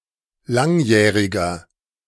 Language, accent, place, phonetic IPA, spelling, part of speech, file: German, Germany, Berlin, [ˈlaŋˌjɛːʁɪɡɐ], langjähriger, adjective, De-langjähriger.ogg
- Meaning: 1. comparative degree of langjährig 2. inflection of langjährig: strong/mixed nominative masculine singular 3. inflection of langjährig: strong genitive/dative feminine singular